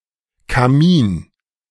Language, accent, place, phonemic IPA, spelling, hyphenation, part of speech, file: German, Germany, Berlin, /kaˈmiːn/, Kamin, Ka‧min, noun, De-Kamin.ogg
- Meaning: 1. fireplace 2. chimney